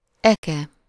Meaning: plough (UK), plow (US)
- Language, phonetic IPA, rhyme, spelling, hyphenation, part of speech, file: Hungarian, [ˈɛkɛ], -kɛ, eke, eke, noun, Hu-eke.ogg